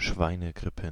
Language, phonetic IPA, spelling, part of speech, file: German, [ˈʃvaɪ̯nəˌɡʁɪpn̩], Schweinegrippen, noun, De-Schweinegrippen.ogg
- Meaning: plural of Schweinegrippe